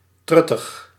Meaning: bourgeois, narrow-minded, old-fashioned, petty
- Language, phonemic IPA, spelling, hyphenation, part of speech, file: Dutch, /ˈtrʏ.təx/, truttig, trut‧tig, adjective, Nl-truttig.ogg